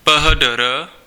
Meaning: abbreviation of philosophiae doctor
- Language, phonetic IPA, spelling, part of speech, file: Czech, [pə.ɦə.də.ˈrə], PhDr., abbreviation, Cs-PhDr..ogg